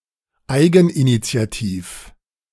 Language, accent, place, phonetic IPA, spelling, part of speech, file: German, Germany, Berlin, [ˈaɪ̯ɡn̩ʔinit͡si̯aˌtiːf], eigeninitiativ, adjective, De-eigeninitiativ.ogg
- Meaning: on one's own initiative